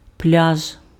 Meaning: beach
- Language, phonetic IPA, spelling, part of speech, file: Ukrainian, [plʲaʒ], пляж, noun, Uk-пляж.ogg